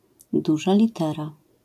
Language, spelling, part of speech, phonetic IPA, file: Polish, duża litera, noun, [ˈduʒa lʲiˈtɛra], LL-Q809 (pol)-duża litera.wav